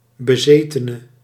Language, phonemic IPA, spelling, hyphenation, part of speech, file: Dutch, /bəˈzeː.tə.nə/, bezetene, be‧ze‧te‧ne, noun, Nl-bezetene.ogg
- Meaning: 1. someone who is magically possessed, or acts as though they were; a demoniac 2. someone who is acting obsessively, prone to excesses